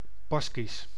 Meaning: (adjective) Basque; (proper noun) Basque (language)
- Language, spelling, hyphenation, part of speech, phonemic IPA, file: Dutch, Baskisch, Bas‧kisch, adjective / proper noun, /ˈbɑs.kis/, Nl-Baskisch.ogg